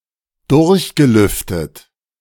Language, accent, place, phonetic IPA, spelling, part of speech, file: German, Germany, Berlin, [ˈdʊʁçɡəˌlʏftət], durchgelüftet, adjective / verb, De-durchgelüftet.ogg
- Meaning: past participle of durchlüften